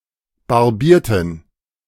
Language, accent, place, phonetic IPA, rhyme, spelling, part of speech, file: German, Germany, Berlin, [baʁˈbiːɐ̯tn̩], -iːɐ̯tn̩, barbierten, adjective / verb, De-barbierten.ogg
- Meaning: inflection of barbieren: 1. first/third-person plural preterite 2. first/third-person plural subjunctive II